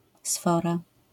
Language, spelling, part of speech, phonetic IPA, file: Polish, sfora, noun, [ˈsfɔra], LL-Q809 (pol)-sfora.wav